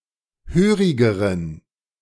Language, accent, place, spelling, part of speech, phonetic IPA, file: German, Germany, Berlin, hörigeren, adjective, [ˈhøːʁɪɡəʁən], De-hörigeren.ogg
- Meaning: inflection of hörig: 1. strong genitive masculine/neuter singular comparative degree 2. weak/mixed genitive/dative all-gender singular comparative degree